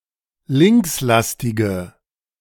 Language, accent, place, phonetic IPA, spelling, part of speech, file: German, Germany, Berlin, [ˈlɪŋksˌlastɪɡə], linkslastige, adjective, De-linkslastige.ogg
- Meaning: inflection of linkslastig: 1. strong/mixed nominative/accusative feminine singular 2. strong nominative/accusative plural 3. weak nominative all-gender singular